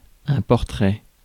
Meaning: 1. portrait 2. portrait (format) 3. description (of a person or things)
- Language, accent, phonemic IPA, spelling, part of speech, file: French, France, /pɔʁ.tʁɛ/, portrait, noun, Fr-portrait.ogg